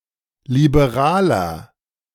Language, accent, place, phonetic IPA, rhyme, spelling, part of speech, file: German, Germany, Berlin, [libeˈʁaːlɐ], -aːlɐ, liberaler, adjective, De-liberaler.ogg
- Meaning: 1. comparative degree of liberal 2. inflection of liberal: strong/mixed nominative masculine singular 3. inflection of liberal: strong genitive/dative feminine singular